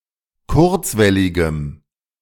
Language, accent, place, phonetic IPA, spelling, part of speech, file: German, Germany, Berlin, [ˈkʊʁt͡svɛlɪɡəm], kurzwelligem, adjective, De-kurzwelligem.ogg
- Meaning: strong dative masculine/neuter singular of kurzwellig